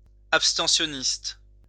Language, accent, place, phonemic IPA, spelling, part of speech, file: French, France, Lyon, /ap.stɑ̃.sjɔ.nist/, abstentionniste, noun, LL-Q150 (fra)-abstentionniste.wav
- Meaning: abstentionist